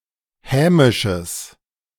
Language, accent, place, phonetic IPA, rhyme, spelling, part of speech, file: German, Germany, Berlin, [ˈhɛːmɪʃəs], -ɛːmɪʃəs, hämisches, adjective, De-hämisches.ogg
- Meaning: strong/mixed nominative/accusative neuter singular of hämisch